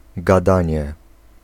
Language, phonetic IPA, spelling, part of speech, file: Polish, [ɡaˈdãɲɛ], gadanie, noun / interjection, Pl-gadanie.ogg